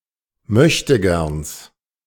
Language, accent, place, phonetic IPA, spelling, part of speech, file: German, Germany, Berlin, [ˈmœçtəˌɡɛʁns], Möchtegerns, noun, De-Möchtegerns.ogg
- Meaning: genitive singular of Möchtegern